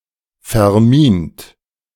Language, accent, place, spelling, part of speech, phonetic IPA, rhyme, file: German, Germany, Berlin, vermint, adjective / verb, [fɛɐ̯ˈmiːnt], -iːnt, De-vermint.ogg
- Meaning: 1. past participle of verminen 2. inflection of verminen: third-person singular present 3. inflection of verminen: second-person plural present 4. inflection of verminen: plural imperative